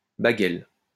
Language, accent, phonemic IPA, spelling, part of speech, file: French, France, /ba.ɡɛl/, baguel, noun, LL-Q150 (fra)-baguel.wav
- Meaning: alternative spelling of bagel